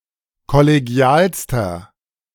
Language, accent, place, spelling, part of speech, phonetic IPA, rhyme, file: German, Germany, Berlin, kollegialster, adjective, [kɔleˈɡi̯aːlstɐ], -aːlstɐ, De-kollegialster.ogg
- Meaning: inflection of kollegial: 1. strong/mixed nominative masculine singular superlative degree 2. strong genitive/dative feminine singular superlative degree 3. strong genitive plural superlative degree